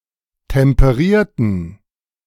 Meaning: inflection of temperieren: 1. first/third-person plural preterite 2. first/third-person plural subjunctive II
- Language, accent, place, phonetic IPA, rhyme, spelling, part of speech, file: German, Germany, Berlin, [tɛmpəˈʁiːɐ̯tn̩], -iːɐ̯tn̩, temperierten, adjective / verb, De-temperierten.ogg